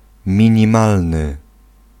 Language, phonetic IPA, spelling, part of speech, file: Polish, [ˌmʲĩɲĩˈmalnɨ], minimalny, adjective, Pl-minimalny.ogg